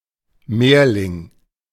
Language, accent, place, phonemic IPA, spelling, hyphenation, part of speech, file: German, Germany, Berlin, /ˈmeːɐ̯lɪŋ/, Mehrling, Mehr‧ling, noun, De-Mehrling.ogg
- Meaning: multiple (i.e. sibling of a multiple birth)